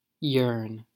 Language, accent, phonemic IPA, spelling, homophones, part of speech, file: English, General American, /jɝn/, yearn, yern, verb / noun, En-us-yearn.ogg
- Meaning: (verb) To have a strong desire for something or to do something; to long for or to do something